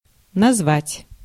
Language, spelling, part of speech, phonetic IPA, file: Russian, назвать, verb, [nɐzˈvatʲ], Ru-назвать.ogg
- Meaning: 1. to name, to specify 2. to call 3. to convene, to invite many people